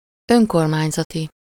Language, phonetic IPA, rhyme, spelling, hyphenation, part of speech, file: Hungarian, [ˈøŋkormaːɲzɒti], -ti, önkormányzati, ön‧kor‧mány‧za‧ti, adjective, Hu-önkormányzati.ogg
- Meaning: municipal, self-governing